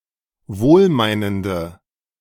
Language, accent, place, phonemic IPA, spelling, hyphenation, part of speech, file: German, Germany, Berlin, /ˈvoːlˌmaɪ̯nəndə/, wohlmeinende, wohl‧mei‧nen‧de, adjective, De-wohlmeinende.ogg
- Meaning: inflection of wohlmeinend: 1. strong/mixed nominative/accusative feminine singular 2. strong nominative/accusative plural 3. weak nominative all-gender singular